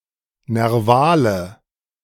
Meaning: inflection of nerval: 1. strong/mixed nominative/accusative feminine singular 2. strong nominative/accusative plural 3. weak nominative all-gender singular 4. weak accusative feminine/neuter singular
- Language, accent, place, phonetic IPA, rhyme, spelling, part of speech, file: German, Germany, Berlin, [nɛʁˈvaːlə], -aːlə, nervale, adjective, De-nervale.ogg